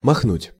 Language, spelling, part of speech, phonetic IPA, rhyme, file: Russian, махнуть, verb, [mɐxˈnutʲ], -utʲ, Ru-махнуть.ogg
- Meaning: 1. to wave, to flap, to fling, to brandish 2. to rush, to leap, to jump 3. to go (off), to travel 4. to swap